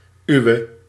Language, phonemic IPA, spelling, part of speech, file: Dutch, /ˈyu̯ə/, uwe, pronoun / determiner, Nl-uwe.ogg
- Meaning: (pronoun) non-attributive form of uw; yours; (determiner) inflection of uw: 1. nominative/accusative feminine singular attributive 2. nominative/accusative plural attributive